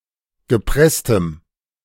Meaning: strong dative masculine/neuter singular of gepresst
- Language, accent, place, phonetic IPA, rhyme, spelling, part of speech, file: German, Germany, Berlin, [ɡəˈpʁɛstəm], -ɛstəm, gepresstem, adjective, De-gepresstem.ogg